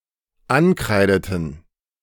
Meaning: inflection of ankreiden: 1. first/third-person plural dependent preterite 2. first/third-person plural dependent subjunctive II
- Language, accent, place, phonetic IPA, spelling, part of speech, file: German, Germany, Berlin, [ˈanˌkʁaɪ̯dətn̩], ankreideten, verb, De-ankreideten.ogg